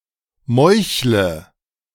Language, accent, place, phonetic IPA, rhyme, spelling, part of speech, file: German, Germany, Berlin, [ˈmɔɪ̯çlə], -ɔɪ̯çlə, meuchle, verb, De-meuchle.ogg
- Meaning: inflection of meucheln: 1. first-person singular present 2. first/third-person singular subjunctive I 3. singular imperative